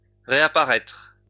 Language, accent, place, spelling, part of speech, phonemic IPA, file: French, France, Lyon, réapparaître, verb, /ʁe.a.pa.ʁɛtʁ/, LL-Q150 (fra)-réapparaître.wav
- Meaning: 1. to reappear 2. to respawn